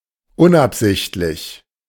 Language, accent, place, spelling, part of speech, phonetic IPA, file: German, Germany, Berlin, unabsichtlich, adjective, [ˈʊnʔapˌzɪçtlɪç], De-unabsichtlich.ogg
- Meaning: unintentional